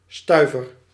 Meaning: 1. stiver, 5 cents (0.05 guilder) 2. penny
- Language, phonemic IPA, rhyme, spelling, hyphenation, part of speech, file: Dutch, /ˈstœy̯.vər/, -œy̯vər, stuiver, stui‧ver, noun, Nl-stuiver.ogg